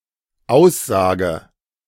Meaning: inflection of aussagen: 1. first-person singular dependent present 2. first/third-person singular dependent subjunctive I
- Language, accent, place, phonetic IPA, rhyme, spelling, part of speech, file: German, Germany, Berlin, [ˈaʊ̯sˌzaːɡə], -aʊ̯szaːɡə, aussage, verb, De-aussage.ogg